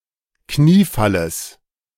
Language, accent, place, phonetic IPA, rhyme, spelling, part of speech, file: German, Germany, Berlin, [ˈkniːˌfaləs], -iːfaləs, Kniefalles, noun, De-Kniefalles.ogg
- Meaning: genitive of Kniefall